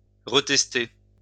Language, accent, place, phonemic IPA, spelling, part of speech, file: French, France, Lyon, /ʁə.tɛs.te/, retester, verb, LL-Q150 (fra)-retester.wav
- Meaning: to retest